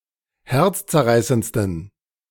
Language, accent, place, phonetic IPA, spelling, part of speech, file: German, Germany, Berlin, [ˈhɛʁt͡st͡sɛɐ̯ˌʁaɪ̯sənt͡stn̩], herzzerreißendsten, adjective, De-herzzerreißendsten.ogg
- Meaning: 1. superlative degree of herzzerreißend 2. inflection of herzzerreißend: strong genitive masculine/neuter singular superlative degree